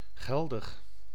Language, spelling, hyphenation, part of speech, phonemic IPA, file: Dutch, geldig, gel‧dig, adjective, /ˈɣɛl.dəx/, Nl-geldig.ogg
- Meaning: valid